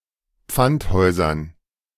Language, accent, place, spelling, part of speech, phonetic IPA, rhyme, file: German, Germany, Berlin, Pfandhäusern, noun, [ˈp͡fantˌhɔɪ̯zɐn], -anthɔɪ̯zɐn, De-Pfandhäusern.ogg
- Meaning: dative plural of Pfandhaus